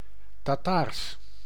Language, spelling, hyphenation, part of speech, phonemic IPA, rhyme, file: Dutch, Tataars, Ta‧taars, adjective / proper noun, /taːˈtaːrs/, -aːrs, Nl-Tataars.ogg
- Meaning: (adjective) 1. relating to the Tatars, their country or polities (now Tataristan) 2. in or relating to the Tatar language; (proper noun) Tatar (language)